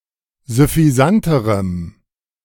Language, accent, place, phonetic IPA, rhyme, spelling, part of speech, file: German, Germany, Berlin, [zʏfiˈzantəʁəm], -antəʁəm, süffisanterem, adjective, De-süffisanterem.ogg
- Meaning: strong dative masculine/neuter singular comparative degree of süffisant